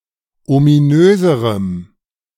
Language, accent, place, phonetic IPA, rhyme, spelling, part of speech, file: German, Germany, Berlin, [omiˈnøːzəʁəm], -øːzəʁəm, ominöserem, adjective, De-ominöserem.ogg
- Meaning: strong dative masculine/neuter singular comparative degree of ominös